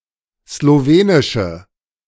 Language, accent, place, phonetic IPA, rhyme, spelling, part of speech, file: German, Germany, Berlin, [sloˈveːnɪʃə], -eːnɪʃə, slowenische, adjective, De-slowenische.ogg
- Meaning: inflection of slowenisch: 1. strong/mixed nominative/accusative feminine singular 2. strong nominative/accusative plural 3. weak nominative all-gender singular